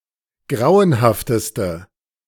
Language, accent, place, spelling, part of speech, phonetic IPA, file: German, Germany, Berlin, grauenhafteste, adjective, [ˈɡʁaʊ̯ənhaftəstə], De-grauenhafteste.ogg
- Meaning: inflection of grauenhaft: 1. strong/mixed nominative/accusative feminine singular superlative degree 2. strong nominative/accusative plural superlative degree